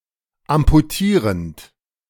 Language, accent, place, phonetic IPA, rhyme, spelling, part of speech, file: German, Germany, Berlin, [ampuˈtiːʁənt], -iːʁənt, amputierend, verb, De-amputierend.ogg
- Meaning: present participle of amputieren